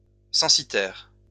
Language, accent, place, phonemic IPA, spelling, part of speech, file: French, France, Lyon, /sɑ̃.si.tɛʁ/, censitaire, adjective, LL-Q150 (fra)-censitaire.wav
- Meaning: census, censitary